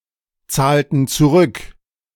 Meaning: inflection of zurückzahlen: 1. first/third-person plural preterite 2. first/third-person plural subjunctive II
- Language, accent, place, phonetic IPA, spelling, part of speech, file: German, Germany, Berlin, [ˌt͡saːltn̩ t͡suˈʁʏk], zahlten zurück, verb, De-zahlten zurück.ogg